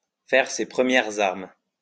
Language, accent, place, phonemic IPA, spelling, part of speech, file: French, France, Lyon, /fɛʁ se pʁə.mjɛʁ.z‿aʁm/, faire ses premières armes, verb, LL-Q150 (fra)-faire ses premières armes.wav
- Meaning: to start out, to cut one's teeth, to get started (in some activity, trade, job, etc.)